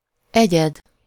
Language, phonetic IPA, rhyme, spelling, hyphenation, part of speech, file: Hungarian, [ˈɛɟɛd], -ɛd, egyed, egyed, noun / verb, Hu-egyed.ogg
- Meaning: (noun) 1. individual 2. entity; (verb) alternative form of edd, second-person singular subjunctive present definite of eszik